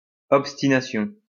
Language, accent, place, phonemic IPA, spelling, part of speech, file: French, France, Lyon, /ɔp.sti.na.sjɔ̃/, obstination, noun, LL-Q150 (fra)-obstination.wav
- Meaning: 1. obstinacy; stubbornness; obstination 2. an obstinate act